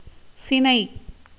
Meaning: 1. embryo, foetus 2. pregnancy 3. spawn, eggs 4. flower bud 5. tree branch 6. member, limb 7. bamboo
- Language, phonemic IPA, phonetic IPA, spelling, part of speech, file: Tamil, /tʃɪnɐɪ̯/, [sɪnɐɪ̯], சினை, noun, Ta-சினை.ogg